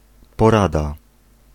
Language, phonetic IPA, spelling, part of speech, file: Polish, [pɔˈrada], porada, noun, Pl-porada.ogg